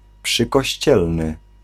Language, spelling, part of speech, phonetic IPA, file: Polish, przykościelny, adjective, [ˌpʃɨkɔɕˈt͡ɕɛlnɨ], Pl-przykościelny.ogg